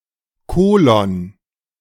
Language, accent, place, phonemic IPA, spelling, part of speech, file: German, Germany, Berlin, /ˈkoːlɔn/, Kolon, noun, De-Kolon.ogg
- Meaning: 1. colon (:) 2. colon (digestive system)